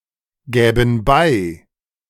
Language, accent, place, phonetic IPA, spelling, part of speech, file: German, Germany, Berlin, [ˌɡɛːbn̩ ˈbaɪ̯], gäben bei, verb, De-gäben bei.ogg
- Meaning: first-person plural subjunctive II of beigeben